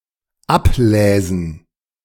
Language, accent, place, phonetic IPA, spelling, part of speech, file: German, Germany, Berlin, [ˈapˌlɛːzn̩], abläsen, verb, De-abläsen.ogg
- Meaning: first/third-person plural dependent subjunctive II of ablesen